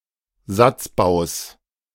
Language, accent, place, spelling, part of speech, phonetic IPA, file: German, Germany, Berlin, Satzbaus, noun, [ˈzat͡sˌbaʊ̯s], De-Satzbaus.ogg
- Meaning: genitive of Satzbau